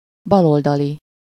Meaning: left-wing, leftist
- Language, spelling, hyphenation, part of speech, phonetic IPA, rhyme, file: Hungarian, baloldali, bal‧ol‧da‧li, adjective, [ˈbɒloldɒli], -li, Hu-baloldali.ogg